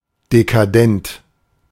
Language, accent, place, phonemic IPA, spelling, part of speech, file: German, Germany, Berlin, /dekaˈdɛnt/, dekadent, adjective, De-dekadent.ogg
- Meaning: decadent